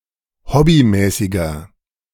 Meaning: inflection of hobbymäßig: 1. strong/mixed nominative masculine singular 2. strong genitive/dative feminine singular 3. strong genitive plural
- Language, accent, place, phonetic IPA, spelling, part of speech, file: German, Germany, Berlin, [ˈhɔbiˌmɛːsɪɡɐ], hobbymäßiger, adjective, De-hobbymäßiger.ogg